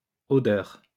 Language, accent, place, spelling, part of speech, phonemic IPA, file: French, France, Lyon, odeurs, noun, /ɔ.dœʁ/, LL-Q150 (fra)-odeurs.wav
- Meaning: plural of odeur